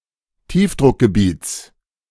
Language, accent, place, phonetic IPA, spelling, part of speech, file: German, Germany, Berlin, [ˈtiːfdʁʊkɡəˌbiːt͡s], Tiefdruckgebiets, noun, De-Tiefdruckgebiets.ogg
- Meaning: genitive singular of Tiefdruckgebiet